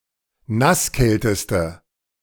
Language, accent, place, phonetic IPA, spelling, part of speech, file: German, Germany, Berlin, [ˈnasˌkɛltəstə], nasskälteste, adjective, De-nasskälteste.ogg
- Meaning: inflection of nasskalt: 1. strong/mixed nominative/accusative feminine singular superlative degree 2. strong nominative/accusative plural superlative degree